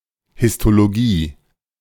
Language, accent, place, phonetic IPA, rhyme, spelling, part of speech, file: German, Germany, Berlin, [hɪstoloˈɡiː], -iː, Histologie, noun, De-Histologie.ogg
- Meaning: histology